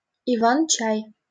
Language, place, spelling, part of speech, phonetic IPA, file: Russian, Saint Petersburg, иван-чай, noun, [ɪˌvan ˈt͡ɕæj], LL-Q7737 (rus)-иван-чай.wav
- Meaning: 1. rose-bay, willowherb, fireweed 2. willowherb tea